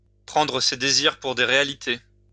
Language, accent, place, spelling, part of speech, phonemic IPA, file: French, France, Lyon, prendre ses désirs pour des réalités, verb, /pʁɑ̃.dʁə se de.ziʁ puʁ de ʁe.a.li.te/, LL-Q150 (fra)-prendre ses désirs pour des réalités.wav
- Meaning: to engage in wishful thinking, to indulge in wishful thinking